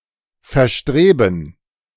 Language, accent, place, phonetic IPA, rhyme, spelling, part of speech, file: German, Germany, Berlin, [fɛɐ̯ˈʃtʁeːbn̩], -eːbn̩, verstreben, verb, De-verstreben.ogg
- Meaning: to strut (support or enforce with struts)